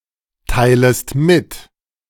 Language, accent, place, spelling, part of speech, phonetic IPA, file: German, Germany, Berlin, teilest mit, verb, [ˌtaɪ̯ləst ˈmɪt], De-teilest mit.ogg
- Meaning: second-person singular subjunctive I of mitteilen